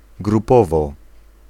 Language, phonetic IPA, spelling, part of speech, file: Polish, [ɡruˈpɔvɔ], grupowo, adverb, Pl-grupowo.ogg